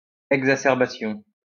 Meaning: exacerbation
- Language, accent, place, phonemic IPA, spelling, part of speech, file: French, France, Lyon, /ɛɡ.za.sɛʁ.ba.sjɔ̃/, exacerbation, noun, LL-Q150 (fra)-exacerbation.wav